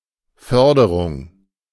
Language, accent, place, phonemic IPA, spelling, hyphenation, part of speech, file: German, Germany, Berlin, /ˈfœʁdəʁʊŋ/, Förderung, För‧de‧rung, noun, De-Förderung.ogg
- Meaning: 1. support, promotion, advancement (financial, moral, or emotional advancement) 2. extraction, mining (of natural resources) (no plural)